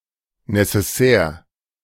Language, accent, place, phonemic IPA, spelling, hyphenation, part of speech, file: German, Germany, Berlin, /nesɛˈsɛːr/, Necessaire, Ne‧ces‧saire, noun, De-Necessaire.ogg
- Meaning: 1. a bag or set holding utensils for personal needs such as hygiene, manicure, sewing 2. washbag, toiletry bag